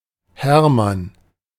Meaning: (proper noun) 1. a male given name from Old High German, equivalent to English Herman 2. a surname transferred from the given name 3. clipping of Hermannsdenkmal
- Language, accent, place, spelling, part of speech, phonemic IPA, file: German, Germany, Berlin, Hermann, proper noun / noun, /ˈhɛʁ.man/, De-Hermann.ogg